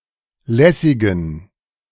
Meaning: inflection of lässig: 1. strong genitive masculine/neuter singular 2. weak/mixed genitive/dative all-gender singular 3. strong/weak/mixed accusative masculine singular 4. strong dative plural
- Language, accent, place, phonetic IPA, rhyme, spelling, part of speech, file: German, Germany, Berlin, [ˈlɛsɪɡn̩], -ɛsɪɡn̩, lässigen, adjective, De-lässigen.ogg